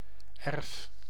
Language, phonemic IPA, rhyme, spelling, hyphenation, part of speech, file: Dutch, /ɛrf/, -ɛrf, erf, erf, noun / verb, Nl-erf.ogg
- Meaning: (noun) 1. yard (open area adjoining and belonging to a house) 2. heritage, patrimony 3. hereditament, especially a plot of land 4. inheritance